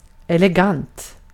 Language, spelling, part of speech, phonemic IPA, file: Swedish, elegant, adjective / noun, /ˌɛlɛˈɡant/, Sv-elegant.ogg
- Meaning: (adjective) elegant; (noun) an elegance (person who is (doing something) elegant)